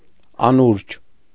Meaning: 1. dream (imaginary events seen while sleeping) 2. dream (hope or wish), daydream, reverie
- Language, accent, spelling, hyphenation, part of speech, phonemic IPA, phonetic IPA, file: Armenian, Eastern Armenian, անուրջ, ա‧նուրջ, noun, /ɑˈnuɾd͡ʒ/, [ɑnúɾd͡ʒ], Hy-անուրջ.ogg